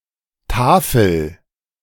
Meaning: inflection of tafeln: 1. first-person singular present 2. singular imperative
- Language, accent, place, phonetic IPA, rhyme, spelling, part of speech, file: German, Germany, Berlin, [ˈtaːfl̩], -aːfl̩, tafel, verb, De-tafel.ogg